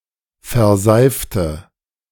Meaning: inflection of verseifen: 1. first/third-person singular preterite 2. first/third-person singular subjunctive II
- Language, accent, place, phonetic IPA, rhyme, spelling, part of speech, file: German, Germany, Berlin, [fɛɐ̯ˈzaɪ̯ftə], -aɪ̯ftə, verseifte, adjective / verb, De-verseifte.ogg